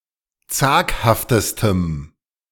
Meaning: strong dative masculine/neuter singular superlative degree of zaghaft
- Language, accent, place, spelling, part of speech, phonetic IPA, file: German, Germany, Berlin, zaghaftestem, adjective, [ˈt͡saːkhaftəstəm], De-zaghaftestem.ogg